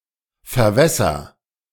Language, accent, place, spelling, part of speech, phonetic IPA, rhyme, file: German, Germany, Berlin, verwässer, verb, [fɛɐ̯ˈvɛsɐ], -ɛsɐ, De-verwässer.ogg
- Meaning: inflection of verwässern: 1. first-person singular present 2. singular imperative